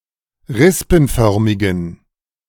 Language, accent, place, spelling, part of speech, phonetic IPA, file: German, Germany, Berlin, rispenförmigen, adjective, [ˈʁɪspn̩ˌfœʁmɪɡn̩], De-rispenförmigen.ogg
- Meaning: inflection of rispenförmig: 1. strong genitive masculine/neuter singular 2. weak/mixed genitive/dative all-gender singular 3. strong/weak/mixed accusative masculine singular 4. strong dative plural